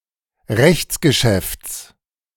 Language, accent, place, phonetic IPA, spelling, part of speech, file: German, Germany, Berlin, [ˈʁɛçt͡sɡəˌʃɛft͡s], Rechtsgeschäfts, noun, De-Rechtsgeschäfts.ogg
- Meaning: genitive of Rechtsgeschäft